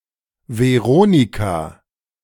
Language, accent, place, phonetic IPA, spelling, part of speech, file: German, Germany, Berlin, [vɛˈʁoːnɪka], Veronika, proper noun, De-Veronika.ogg
- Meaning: a female given name from Latin, equivalent to English Veronica